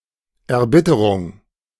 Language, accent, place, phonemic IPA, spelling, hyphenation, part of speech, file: German, Germany, Berlin, /ɛɐ̯ˈbɪtəʁʊŋ/, Erbitterung, Er‧bit‧te‧rung, noun, De-Erbitterung.ogg
- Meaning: bitterness, exasperation